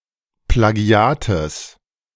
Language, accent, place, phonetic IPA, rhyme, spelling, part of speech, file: German, Germany, Berlin, [plaˈɡi̯aːtəs], -aːtəs, Plagiates, noun, De-Plagiates.ogg
- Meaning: genitive singular of Plagiat